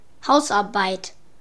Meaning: 1. housework, chore 2. homework
- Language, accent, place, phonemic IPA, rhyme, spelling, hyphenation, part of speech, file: German, Germany, Berlin, /ˈhaʊ̯sˌʔaʁbaɪ̯t/, -aɪ̯t, Hausarbeit, Haus‧ar‧beit, noun, De-Hausarbeit.ogg